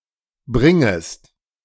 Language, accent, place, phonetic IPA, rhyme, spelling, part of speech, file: German, Germany, Berlin, [ˈbʁɪŋəst], -ɪŋəst, bringest, verb, De-bringest.ogg
- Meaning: second-person singular subjunctive I of bringen